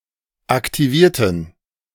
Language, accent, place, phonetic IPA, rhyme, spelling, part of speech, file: German, Germany, Berlin, [aktiˈviːɐ̯tn̩], -iːɐ̯tn̩, aktivierten, adjective / verb, De-aktivierten.ogg
- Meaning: inflection of aktivieren: 1. first/third-person plural preterite 2. first/third-person plural subjunctive II